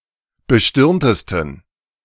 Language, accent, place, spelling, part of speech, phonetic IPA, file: German, Germany, Berlin, bestirntesten, adjective, [bəˈʃtɪʁntəstn̩], De-bestirntesten.ogg
- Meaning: 1. superlative degree of bestirnt 2. inflection of bestirnt: strong genitive masculine/neuter singular superlative degree